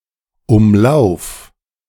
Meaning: singular imperative of umlaufen
- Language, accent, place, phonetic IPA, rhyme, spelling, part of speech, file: German, Germany, Berlin, [ʊmˈlaʊ̯f], -aʊ̯f, umlauf, verb, De-umlauf.ogg